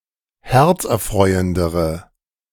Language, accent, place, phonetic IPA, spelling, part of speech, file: German, Germany, Berlin, [ˈhɛʁt͡sʔɛɐ̯ˌfʁɔɪ̯əndəʁə], herzerfreuendere, adjective, De-herzerfreuendere.ogg
- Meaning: inflection of herzerfreuend: 1. strong/mixed nominative/accusative feminine singular comparative degree 2. strong nominative/accusative plural comparative degree